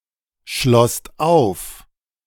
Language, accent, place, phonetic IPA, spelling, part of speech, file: German, Germany, Berlin, [ˌʃlɔst ˈaʊ̯f], schlosst auf, verb, De-schlosst auf.ogg
- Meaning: second-person singular/plural preterite of aufschließen